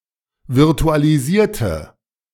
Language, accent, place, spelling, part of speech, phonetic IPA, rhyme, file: German, Germany, Berlin, virtualisierte, adjective / verb, [vɪʁtualiˈziːɐ̯tə], -iːɐ̯tə, De-virtualisierte.ogg
- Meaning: inflection of virtualisieren: 1. first/third-person singular preterite 2. first/third-person singular subjunctive II